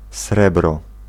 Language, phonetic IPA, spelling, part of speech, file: Polish, [ˈsrɛbrɔ], srebro, noun, Pl-srebro.ogg